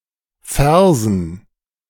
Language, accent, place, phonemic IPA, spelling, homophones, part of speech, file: German, Germany, Berlin, /ˈfɛʁzən/, Versen, Fersen, noun, De-Versen.ogg
- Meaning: dative plural of Vers